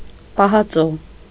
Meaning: canned food, tinned food
- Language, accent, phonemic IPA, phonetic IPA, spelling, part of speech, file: Armenian, Eastern Armenian, /pɑhɑˈt͡so/, [pɑhɑt͡só], պահածո, noun, Hy-պահածո.ogg